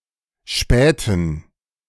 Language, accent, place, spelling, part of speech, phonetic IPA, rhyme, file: German, Germany, Berlin, spähten, verb, [ˈʃpɛːtn̩], -ɛːtn̩, De-spähten.ogg
- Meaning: inflection of spähen: 1. first/third-person plural preterite 2. first/third-person plural subjunctive II